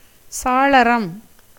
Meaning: window
- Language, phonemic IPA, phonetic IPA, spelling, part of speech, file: Tamil, /tʃɑːɭɐɾɐm/, [säːɭɐɾɐm], சாளரம், noun, Ta-சாளரம்.ogg